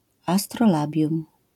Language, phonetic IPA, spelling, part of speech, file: Polish, [ˌastrɔˈlabʲjũm], astrolabium, noun, LL-Q809 (pol)-astrolabium.wav